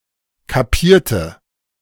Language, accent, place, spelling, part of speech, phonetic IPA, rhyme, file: German, Germany, Berlin, kapierte, adjective / verb, [kaˈpiːɐ̯tə], -iːɐ̯tə, De-kapierte.ogg
- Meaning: inflection of kapieren: 1. first/third-person singular preterite 2. first/third-person singular subjunctive II